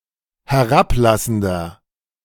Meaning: 1. comparative degree of herablassend 2. inflection of herablassend: strong/mixed nominative masculine singular 3. inflection of herablassend: strong genitive/dative feminine singular
- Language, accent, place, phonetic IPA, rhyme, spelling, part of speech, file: German, Germany, Berlin, [hɛˈʁapˌlasn̩dɐ], -aplasn̩dɐ, herablassender, adjective, De-herablassender.ogg